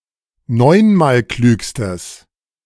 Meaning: strong/mixed nominative/accusative neuter singular superlative degree of neunmalklug
- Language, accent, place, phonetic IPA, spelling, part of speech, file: German, Germany, Berlin, [ˈnɔɪ̯nmaːlˌklyːkstəs], neunmalklügstes, adjective, De-neunmalklügstes.ogg